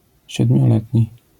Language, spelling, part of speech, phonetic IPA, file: Polish, siedmioletni, adjective, [ˌɕɛdmʲjɔˈlɛtʲɲi], LL-Q809 (pol)-siedmioletni.wav